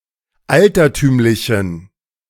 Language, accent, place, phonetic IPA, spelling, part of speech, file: German, Germany, Berlin, [ˈaltɐˌtyːmlɪçn̩], altertümlichen, adjective, De-altertümlichen.ogg
- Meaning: inflection of altertümlich: 1. strong genitive masculine/neuter singular 2. weak/mixed genitive/dative all-gender singular 3. strong/weak/mixed accusative masculine singular 4. strong dative plural